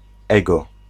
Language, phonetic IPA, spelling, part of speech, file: Polish, [ˈɛɡɔ], ego, noun, Pl-ego.ogg